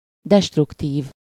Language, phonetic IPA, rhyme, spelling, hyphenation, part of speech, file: Hungarian, [ˈdɛʃtruktiːv], -iːv, destruktív, dest‧ruk‧tív, adjective, Hu-destruktív.ogg
- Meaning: destructive